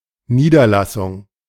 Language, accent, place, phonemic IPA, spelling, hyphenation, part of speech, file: German, Germany, Berlin, /niːdɐlasʊŋ/, Niederlassung, Nie‧der‧las‧sung, noun, De-Niederlassung.ogg
- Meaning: 1. settlement 2. branch